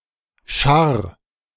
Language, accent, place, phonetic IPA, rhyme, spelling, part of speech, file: German, Germany, Berlin, [ʃaʁ], -aʁ, scharr, verb, De-scharr.ogg
- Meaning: 1. singular imperative of scharren 2. first-person singular present of scharren